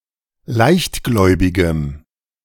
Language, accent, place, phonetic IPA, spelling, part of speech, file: German, Germany, Berlin, [ˈlaɪ̯çtˌɡlɔɪ̯bɪɡəm], leichtgläubigem, adjective, De-leichtgläubigem.ogg
- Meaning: strong dative masculine/neuter singular of leichtgläubig